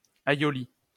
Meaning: alternative form of aïoli
- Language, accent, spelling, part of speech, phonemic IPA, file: French, France, ailloli, noun, /a.jɔ.li/, LL-Q150 (fra)-ailloli.wav